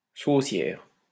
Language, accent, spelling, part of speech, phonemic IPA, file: French, France, saucière, noun, /so.sjɛʁ/, LL-Q150 (fra)-saucière.wav
- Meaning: gravy boat, sauceboat